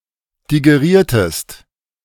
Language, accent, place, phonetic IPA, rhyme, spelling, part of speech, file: German, Germany, Berlin, [diɡeˈʁiːɐ̯təst], -iːɐ̯təst, digeriertest, verb, De-digeriertest.ogg
- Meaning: inflection of digerieren: 1. second-person singular preterite 2. second-person singular subjunctive II